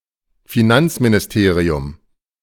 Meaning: ministry of finance
- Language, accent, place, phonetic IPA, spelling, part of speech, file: German, Germany, Berlin, [fiˈnant͡sminɪsˌteːʁiʊm], Finanzministerium, noun, De-Finanzministerium.ogg